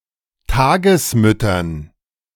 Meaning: dative plural of Tagesmutter
- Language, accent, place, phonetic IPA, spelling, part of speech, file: German, Germany, Berlin, [ˈtaːɡəsˌmʏtɐn], Tagesmüttern, noun, De-Tagesmüttern.ogg